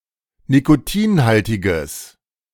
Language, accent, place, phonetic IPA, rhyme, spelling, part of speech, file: German, Germany, Berlin, [nikoˈtiːnˌhaltɪɡəs], -iːnhaltɪɡəs, nikotinhaltiges, adjective, De-nikotinhaltiges.ogg
- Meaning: strong/mixed nominative/accusative neuter singular of nikotinhaltig